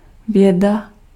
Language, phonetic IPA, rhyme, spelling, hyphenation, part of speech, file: Czech, [ˈvjɛda], -ɛda, věda, vě‧da, noun / verb, Cs-věda.ogg
- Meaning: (noun) science; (verb) present masculine singular transgressive of vědět